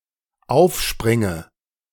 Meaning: inflection of aufspringen: 1. first-person singular dependent present 2. first/third-person singular dependent subjunctive I
- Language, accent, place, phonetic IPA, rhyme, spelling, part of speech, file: German, Germany, Berlin, [ˈaʊ̯fˌʃpʁɪŋə], -aʊ̯fʃpʁɪŋə, aufspringe, verb, De-aufspringe.ogg